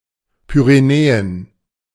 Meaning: Pyrenees (a mountain range between France and Spain)
- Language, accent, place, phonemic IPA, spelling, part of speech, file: German, Germany, Berlin, /pyreˈnɛːən/, Pyrenäen, proper noun, De-Pyrenäen.ogg